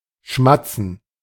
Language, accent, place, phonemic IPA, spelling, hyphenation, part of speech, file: German, Germany, Berlin, /ˈʃmat͡sn̩/, schmatzen, schmat‧zen, verb, De-schmatzen.ogg
- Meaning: 1. to smack, to chomp (to make smacking or squelching sounds, especially while chewing; to eat noisily) 2. to chat (to be engaged in informal conversation)